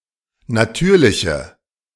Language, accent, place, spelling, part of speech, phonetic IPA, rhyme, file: German, Germany, Berlin, natürliche, adjective, [naˈtyːɐ̯lɪçə], -yːɐ̯lɪçə, De-natürliche.ogg
- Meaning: inflection of natürlich: 1. strong/mixed nominative/accusative feminine singular 2. strong nominative/accusative plural 3. weak nominative all-gender singular